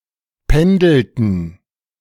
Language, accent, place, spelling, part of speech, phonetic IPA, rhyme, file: German, Germany, Berlin, pendelten, verb, [ˈpɛndl̩tn̩], -ɛndl̩tn̩, De-pendelten.ogg
- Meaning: inflection of pendeln: 1. first/third-person plural preterite 2. first/third-person plural subjunctive II